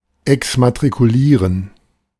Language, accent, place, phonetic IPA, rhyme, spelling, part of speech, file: German, Germany, Berlin, [ɛksmatʁikuˈliːʁən], -iːʁən, exmatrikulieren, verb, De-exmatrikulieren.ogg
- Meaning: to deregister, to unenroll, to (as a school) remove (someone) from the register of students (due to that person's graduation, withdrawal, expulsion, etc)